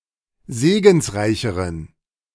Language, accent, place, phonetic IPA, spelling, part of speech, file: German, Germany, Berlin, [ˈzeːɡn̩sˌʁaɪ̯çəʁən], segensreicheren, adjective, De-segensreicheren.ogg
- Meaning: inflection of segensreich: 1. strong genitive masculine/neuter singular comparative degree 2. weak/mixed genitive/dative all-gender singular comparative degree